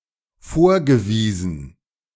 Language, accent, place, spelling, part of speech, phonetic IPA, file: German, Germany, Berlin, vorgewiesen, verb, [ˈfoːɐ̯ɡəˌviːzn̩], De-vorgewiesen.ogg
- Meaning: past participle of vorweisen